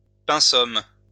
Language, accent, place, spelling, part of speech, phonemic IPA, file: French, France, Lyon, pensum, noun, /pɛ̃.sɔm/, LL-Q150 (fra)-pensum.wav
- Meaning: 1. pensum (at school); lines (UK) 2. chore